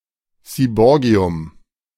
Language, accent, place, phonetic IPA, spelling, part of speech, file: German, Germany, Berlin, [siːˈbɔːɡi̯ʊm], Seaborgium, noun, De-Seaborgium.ogg
- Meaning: seaborgium